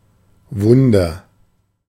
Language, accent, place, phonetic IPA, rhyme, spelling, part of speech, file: German, Germany, Berlin, [ˈvʊndɐ], -ʊndɐ, wunder, adjective / verb, De-wunder.ogg
- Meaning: inflection of wundern: 1. first-person singular present 2. singular imperative